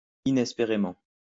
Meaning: unexpectedly
- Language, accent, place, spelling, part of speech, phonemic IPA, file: French, France, Lyon, inespérément, adverb, /i.nɛs.pe.ʁe.mɑ̃/, LL-Q150 (fra)-inespérément.wav